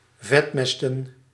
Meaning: to fatten
- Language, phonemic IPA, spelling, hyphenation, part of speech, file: Dutch, /ˈvɛtˌmɛs.tə(n)/, vetmesten, vet‧mes‧ten, verb, Nl-vetmesten.ogg